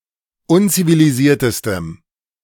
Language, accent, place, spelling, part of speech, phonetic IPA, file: German, Germany, Berlin, unzivilisiertestem, adjective, [ˈʊnt͡siviliˌziːɐ̯təstəm], De-unzivilisiertestem.ogg
- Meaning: strong dative masculine/neuter singular superlative degree of unzivilisiert